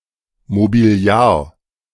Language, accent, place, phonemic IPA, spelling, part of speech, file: German, Germany, Berlin, /mobiˈli̯aːr/, Mobiliar, noun, De-Mobiliar.ogg
- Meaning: collective of Möbel: furniture, (especially) the entire furniture of a dwelling